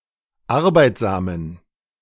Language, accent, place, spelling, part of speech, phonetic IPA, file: German, Germany, Berlin, arbeitsamen, adjective, [ˈaʁbaɪ̯tzaːmən], De-arbeitsamen.ogg
- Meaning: inflection of arbeitsam: 1. strong genitive masculine/neuter singular 2. weak/mixed genitive/dative all-gender singular 3. strong/weak/mixed accusative masculine singular 4. strong dative plural